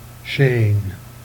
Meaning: 1. chain 2. road, path
- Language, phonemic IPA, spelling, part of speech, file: Jèrriais, /ʃeːn/, chaîne, noun, Jer-chaîne.ogg